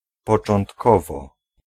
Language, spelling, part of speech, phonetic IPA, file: Polish, początkowo, adverb, [ˌpɔt͡ʃɔ̃ntˈkɔvɔ], Pl-początkowo.ogg